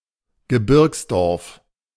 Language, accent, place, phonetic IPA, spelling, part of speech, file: German, Germany, Berlin, [ɡəˈbɪʁksˌdɔʁf], Gebirgsdorf, noun, De-Gebirgsdorf.ogg
- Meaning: mountain village